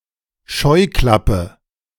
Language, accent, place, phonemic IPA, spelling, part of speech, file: German, Germany, Berlin, /ˈʃɔɪ̯ˌklapə/, Scheuklappe, noun, De-Scheuklappe.ogg
- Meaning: 1. blinder, blinker (screen attached to a horse's bridle) 2. blinker, narrow-mindedness